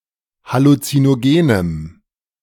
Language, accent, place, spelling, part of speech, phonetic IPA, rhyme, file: German, Germany, Berlin, halluzinogenem, adjective, [halut͡sinoˈɡeːnəm], -eːnəm, De-halluzinogenem.ogg
- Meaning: strong dative masculine/neuter singular of halluzinogen